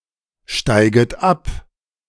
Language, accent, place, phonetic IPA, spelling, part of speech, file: German, Germany, Berlin, [ˌʃtaɪ̯ɡət ˈap], steiget ab, verb, De-steiget ab.ogg
- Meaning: second-person plural subjunctive I of absteigen